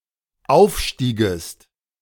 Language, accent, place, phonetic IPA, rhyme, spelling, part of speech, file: German, Germany, Berlin, [ˈaʊ̯fˌʃtiːɡəst], -aʊ̯fʃtiːɡəst, aufstiegest, verb, De-aufstiegest.ogg
- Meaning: second-person singular dependent subjunctive II of aufsteigen